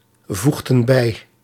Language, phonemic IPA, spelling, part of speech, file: Dutch, /ˈvuɣdə(n) ˈbɛi/, voegden bij, verb, Nl-voegden bij.ogg
- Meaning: inflection of bijvoegen: 1. plural past indicative 2. plural past subjunctive